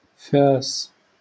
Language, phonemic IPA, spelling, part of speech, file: Moroccan Arabic, /faːs/, فاس, noun / proper noun, LL-Q56426 (ary)-فاس.wav
- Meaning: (noun) 1. axe 2. pickaxe; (proper noun) Fez (the capital city of the region of Fez-Meknes, Morocco)